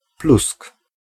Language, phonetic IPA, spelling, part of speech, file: Polish, [plusk], plusk, noun / interjection, Pl-plusk.ogg